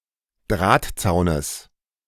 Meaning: genitive singular of Drahtzaun
- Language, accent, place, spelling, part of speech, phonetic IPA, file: German, Germany, Berlin, Drahtzaunes, noun, [ˈdʁaːtˌt͡saʊ̯nəs], De-Drahtzaunes.ogg